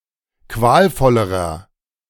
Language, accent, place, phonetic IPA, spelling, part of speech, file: German, Germany, Berlin, [ˈkvaːlˌfɔləʁɐ], qualvollerer, adjective, De-qualvollerer.ogg
- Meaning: inflection of qualvoll: 1. strong/mixed nominative masculine singular comparative degree 2. strong genitive/dative feminine singular comparative degree 3. strong genitive plural comparative degree